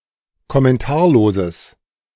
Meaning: strong/mixed nominative/accusative neuter singular of kommentarlos
- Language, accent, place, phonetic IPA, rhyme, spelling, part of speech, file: German, Germany, Berlin, [kɔmɛnˈtaːɐ̯loːzəs], -aːɐ̯loːzəs, kommentarloses, adjective, De-kommentarloses.ogg